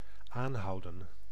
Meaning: 1. to arrest 2. to hail (a cab); to stop (someone in order to ask a question) 3. to keep up, keep on, maintain 4. to be ongoing, to persist 5. to keep on, to continue wearing (clothing)
- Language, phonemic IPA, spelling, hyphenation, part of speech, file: Dutch, /ˈaːnɦɑu̯də(n)/, aanhouden, aan‧hou‧den, verb, Nl-aanhouden.ogg